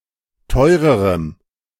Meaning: strong dative masculine/neuter singular comparative degree of teuer
- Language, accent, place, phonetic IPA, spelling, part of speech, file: German, Germany, Berlin, [ˈtɔɪ̯ʁəʁəm], teurerem, adjective, De-teurerem.ogg